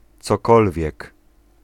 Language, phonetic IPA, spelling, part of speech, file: Polish, [t͡sɔˈkɔlvʲjɛk], cokolwiek, pronoun / adverb, Pl-cokolwiek.ogg